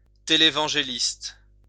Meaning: televangelist
- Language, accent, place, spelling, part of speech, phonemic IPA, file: French, France, Lyon, télévangéliste, noun, /te.le.vɑ̃.ʒe.list/, LL-Q150 (fra)-télévangéliste.wav